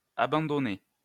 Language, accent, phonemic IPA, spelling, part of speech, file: French, France, /a.bɑ̃.dɔ.ne/, abandonné, verb / adjective / noun, LL-Q150 (fra)-abandonné.wav
- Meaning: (verb) past participle of abandonner; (adjective) given up, abandoned; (noun) abandonee, one who is abandoned